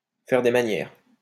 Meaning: 1. to put on airs 2. to stand on ceremony; to make a fuss, be fussy
- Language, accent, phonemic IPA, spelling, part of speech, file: French, France, /fɛʁ de ma.njɛʁ/, faire des manières, verb, LL-Q150 (fra)-faire des manières.wav